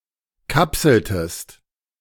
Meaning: inflection of kapseln: 1. second-person singular preterite 2. second-person singular subjunctive II
- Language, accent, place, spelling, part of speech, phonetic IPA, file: German, Germany, Berlin, kapseltest, verb, [ˈkapsl̩təst], De-kapseltest.ogg